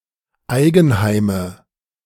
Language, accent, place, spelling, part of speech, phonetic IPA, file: German, Germany, Berlin, Eigenheime, noun, [ˈaɪ̯ɡn̩ˌhaɪ̯mə], De-Eigenheime.ogg
- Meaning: nominative/accusative/genitive plural of Eigenheim